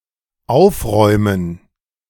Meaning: to tidy up
- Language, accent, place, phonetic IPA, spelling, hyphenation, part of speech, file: German, Germany, Berlin, [ˈʔaʊ̯fʁɔʏ̯mən], aufräumen, auf‧räu‧men, verb, De-aufräumen.ogg